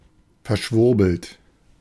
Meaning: convoluted, needlessly complicated (especially of language)
- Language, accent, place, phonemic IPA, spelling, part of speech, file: German, Germany, Berlin, /fɛɐ̯ˈʃvʊʁbl̩t/, verschwurbelt, adjective, De-verschwurbelt.ogg